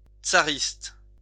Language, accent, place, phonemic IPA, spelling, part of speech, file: French, France, Lyon, /tsa.ʁist/, tsariste, adjective, LL-Q150 (fra)-tsariste.wav
- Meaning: tsarist